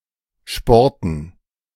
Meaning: dative plural of Sport
- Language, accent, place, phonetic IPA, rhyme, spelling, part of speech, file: German, Germany, Berlin, [ˈʃpɔʁtn̩], -ɔʁtn̩, Sporten, noun, De-Sporten.ogg